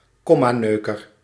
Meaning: someone who is very precise with rules, either the official rules or their interpretation thereof, in particular in matters of (spoken, written) language; a nitpicker, a stickler
- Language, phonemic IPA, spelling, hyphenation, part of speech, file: Dutch, /ˈkɔ.maːˌnøː.kər/, kommaneuker, kom‧ma‧neu‧ker, noun, Nl-kommaneuker.ogg